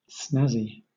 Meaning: 1. Appealing or stylish in appearance or manner; classy, flashy 2. Appealing or stylish in appearance or manner; classy, flashy.: Of a person: elegant in dressing; of clothes: elegant, fashionable
- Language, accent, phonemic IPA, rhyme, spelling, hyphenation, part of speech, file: English, Southern England, /ˈsnæzi/, -æzi, snazzy, snaz‧zy, adjective, LL-Q1860 (eng)-snazzy.wav